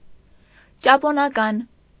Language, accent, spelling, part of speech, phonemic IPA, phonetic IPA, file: Armenian, Eastern Armenian, ճապոնական, adjective, /t͡ʃɑponɑˈkɑn/, [t͡ʃɑponɑkɑ́n], Hy-ճապոնական.ogg
- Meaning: Japanese